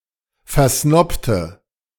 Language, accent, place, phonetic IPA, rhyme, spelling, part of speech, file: German, Germany, Berlin, [fɛɐ̯ˈsnɔptə], -ɔptə, versnobte, adjective / verb, De-versnobte.ogg
- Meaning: inflection of versnobt: 1. strong/mixed nominative/accusative feminine singular 2. strong nominative/accusative plural 3. weak nominative all-gender singular